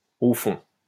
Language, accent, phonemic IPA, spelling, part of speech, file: French, France, /o fɔ̃/, au fond, adverb, LL-Q150 (fra)-au fond.wav
- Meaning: 1. Used other than figuratively or idiomatically: see at the back, in the depths 2. deep down, in the end 3. deep down, at bottom, at heart